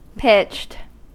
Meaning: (verb) simple past and past participle of pitch; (adjective) 1. Having a slope, whether shallow, steep, or intermediate 2. Having a specified tonal range
- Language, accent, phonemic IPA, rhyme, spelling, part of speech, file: English, US, /pɪt͡ʃt/, -ɪtʃt, pitched, verb / adjective, En-us-pitched.ogg